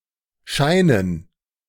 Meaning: 1. gerund of scheinen 2. dative plural of Schein
- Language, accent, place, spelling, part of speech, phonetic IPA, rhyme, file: German, Germany, Berlin, Scheinen, noun, [ˈʃaɪ̯nən], -aɪ̯nən, De-Scheinen.ogg